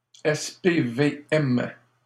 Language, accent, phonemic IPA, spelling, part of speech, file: French, Canada, /ɛs.pe.ve.ɛm/, SPVM, proper noun, LL-Q150 (fra)-SPVM.wav
- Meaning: initialism of Service de police de la Ville de Montréal SPVM